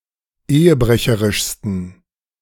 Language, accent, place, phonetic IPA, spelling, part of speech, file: German, Germany, Berlin, [ˈeːəˌbʁɛçəʁɪʃstn̩], ehebrecherischsten, adjective, De-ehebrecherischsten.ogg
- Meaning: 1. superlative degree of ehebrecherisch 2. inflection of ehebrecherisch: strong genitive masculine/neuter singular superlative degree